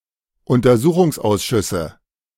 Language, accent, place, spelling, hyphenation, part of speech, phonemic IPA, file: German, Germany, Berlin, Untersuchungsausschüsse, Un‧ter‧su‧chungs‧aus‧schüs‧se, noun, /ʊntɐˈzuːχʊŋsˌʔaʊ̯sʃʏsə/, De-Untersuchungsausschüsse.ogg
- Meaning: plural of Untersuchungsausschuss